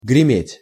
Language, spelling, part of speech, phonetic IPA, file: Russian, греметь, verb, [ɡrʲɪˈmʲetʲ], Ru-греметь.ogg
- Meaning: 1. to thunder (to make a noise like thunder) 2. to rattle (to make a rattling noise)